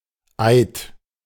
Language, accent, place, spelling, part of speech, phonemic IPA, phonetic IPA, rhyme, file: German, Germany, Berlin, Eid, noun, /aɪ̯t/, [ʔäe̯t], -aɪ̯t, De-Eid.ogg
- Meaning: oath